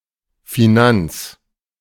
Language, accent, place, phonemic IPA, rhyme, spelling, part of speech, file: German, Germany, Berlin, /fiˈnant͡s/, -ants, Finanz, noun, De-Finanz.ogg
- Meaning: 1. finance 2. ellipsis of Finanzverwaltung (“tax authorities”)